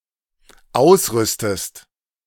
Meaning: inflection of ausrüsten: 1. second-person singular dependent present 2. second-person singular dependent subjunctive I
- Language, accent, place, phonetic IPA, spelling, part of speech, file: German, Germany, Berlin, [ˈaʊ̯sˌʁʏstəst], ausrüstest, verb, De-ausrüstest.ogg